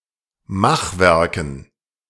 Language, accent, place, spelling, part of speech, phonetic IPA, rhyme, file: German, Germany, Berlin, Machwerken, noun, [ˈmaxˌvɛʁkn̩], -axvɛʁkn̩, De-Machwerken.ogg
- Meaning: dative plural of Machwerk